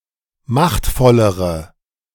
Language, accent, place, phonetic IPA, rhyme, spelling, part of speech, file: German, Germany, Berlin, [ˈmaxtfɔləʁə], -axtfɔləʁə, machtvollere, adjective, De-machtvollere.ogg
- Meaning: inflection of machtvoll: 1. strong/mixed nominative/accusative feminine singular comparative degree 2. strong nominative/accusative plural comparative degree